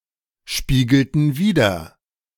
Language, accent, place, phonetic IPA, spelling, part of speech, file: German, Germany, Berlin, [ˌʃpiːɡl̩tn̩ ˈviːdɐ], spiegelten wider, verb, De-spiegelten wider.ogg
- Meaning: inflection of widerspiegeln: 1. first/third-person plural preterite 2. first/third-person plural subjunctive II